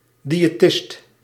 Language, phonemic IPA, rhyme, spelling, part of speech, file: Dutch, /ˌdi.eːˈtɪst/, -ɪst, diëtist, noun, Nl-diëtist.ogg
- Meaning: dietitian, dietist